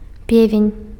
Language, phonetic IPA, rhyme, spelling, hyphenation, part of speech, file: Belarusian, [ˈpʲevʲenʲ], -evʲenʲ, певень, пе‧вень, noun, Be-певень.ogg
- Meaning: rooster, cock